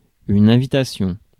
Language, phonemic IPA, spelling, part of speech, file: French, /ɛ̃.vi.ta.sjɔ̃/, invitation, noun, Fr-invitation.ogg
- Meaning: invitation